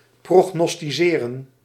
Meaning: to forecast, to predict, to prognosticate
- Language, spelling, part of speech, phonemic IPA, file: Dutch, prognosticeren, verb, /ˌprɔxnɔstiˈserə(n)/, Nl-prognosticeren.ogg